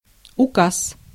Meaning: enactment, ordinance, decree, edict, ukase
- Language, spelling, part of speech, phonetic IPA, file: Russian, указ, noun, [ʊˈkas], Ru-указ.ogg